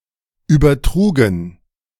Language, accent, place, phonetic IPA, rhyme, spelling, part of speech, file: German, Germany, Berlin, [yːbɐˈtʁuːɡn̩], -uːɡn̩, übertrugen, verb, De-übertrugen.ogg
- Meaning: first/third-person plural preterite of übertragen